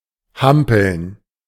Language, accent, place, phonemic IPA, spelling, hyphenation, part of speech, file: German, Germany, Berlin, /ˈhampəln/, hampeln, ham‧peln, verb, De-hampeln.ogg
- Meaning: 1. to jump about 2. to fidget